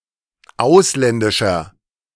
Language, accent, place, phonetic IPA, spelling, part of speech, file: German, Germany, Berlin, [ˈaʊ̯slɛndɪʃɐ], ausländischer, adjective, De-ausländischer.ogg
- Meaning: inflection of ausländisch: 1. strong/mixed nominative masculine singular 2. strong genitive/dative feminine singular 3. strong genitive plural